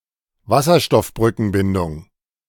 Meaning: hydrogen bonding
- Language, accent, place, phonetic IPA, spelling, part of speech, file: German, Germany, Berlin, [ˈvasɐʃtɔfbʁʏkənbɪndʊŋ], Wasserstoffbrückenbindung, noun, De-Wasserstoffbrückenbindung.ogg